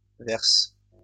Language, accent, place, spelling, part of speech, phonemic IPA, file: French, France, Lyon, verses, verb, /vɛʁs/, LL-Q150 (fra)-verses.wav
- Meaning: second-person singular present indicative/subjunctive of verser